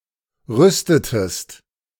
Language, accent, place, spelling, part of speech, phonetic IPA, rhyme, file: German, Germany, Berlin, rüstetest, verb, [ˈʁʏstətəst], -ʏstətəst, De-rüstetest.ogg
- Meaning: inflection of rüsten: 1. second-person singular preterite 2. second-person singular subjunctive II